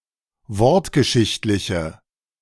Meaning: inflection of wortgeschichtlich: 1. strong/mixed nominative/accusative feminine singular 2. strong nominative/accusative plural 3. weak nominative all-gender singular
- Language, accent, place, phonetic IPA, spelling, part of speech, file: German, Germany, Berlin, [ˈvɔʁtɡəˌʃɪçtlɪçə], wortgeschichtliche, adjective, De-wortgeschichtliche.ogg